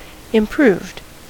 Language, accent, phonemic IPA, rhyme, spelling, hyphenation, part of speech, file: English, US, /ɪmˈpɹuːvd/, -uːvd, improved, im‧proved, adjective / verb, En-us-improved.ogg
- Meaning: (adjective) That has been made better; enhanced; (verb) simple past and past participle of improve